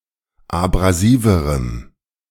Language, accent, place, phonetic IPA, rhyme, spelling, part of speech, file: German, Germany, Berlin, [abʁaˈziːvəʁəm], -iːvəʁəm, abrasiverem, adjective, De-abrasiverem.ogg
- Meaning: strong dative masculine/neuter singular comparative degree of abrasiv